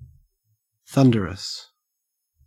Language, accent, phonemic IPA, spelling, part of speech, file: English, Australia, /ˈθan.də.ɹəs/, thunderous, adjective, En-au-thunderous.ogg
- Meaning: Very loud; that sounds like thunder; thundersome. Also in metaphorical expressions, signifying fury